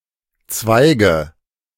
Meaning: nominative/accusative/genitive plural of Zweig
- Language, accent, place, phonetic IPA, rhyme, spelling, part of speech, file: German, Germany, Berlin, [ˈt͡svaɪ̯ɡə], -aɪ̯ɡə, Zweige, noun, De-Zweige.ogg